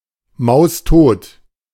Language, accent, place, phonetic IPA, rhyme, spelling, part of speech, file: German, Germany, Berlin, [ˌmaʊ̯sˈtoːt], -oːt, maustot, adjective, De-maustot.ogg
- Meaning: alternative form of mausetot